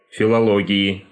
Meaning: genitive/dative/prepositional singular of филоло́гия (filológija)
- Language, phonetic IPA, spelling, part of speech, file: Russian, [fʲɪɫɐˈɫoɡʲɪɪ], филологии, noun, Ru-филологии.ogg